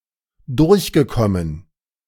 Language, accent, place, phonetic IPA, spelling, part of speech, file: German, Germany, Berlin, [ˈdʊʁçɡəˌkɔmən], durchgekommen, verb, De-durchgekommen.ogg
- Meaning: past participle of durchkommen